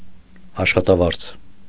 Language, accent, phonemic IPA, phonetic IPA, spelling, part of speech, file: Armenian, Eastern Armenian, /ɑʃχɑtɑˈvɑɾt͡sʰ/, [ɑʃχɑtɑvɑ́ɾt͡sʰ], աշխատավարձ, noun, Hy-աշխատավարձ .ogg
- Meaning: salary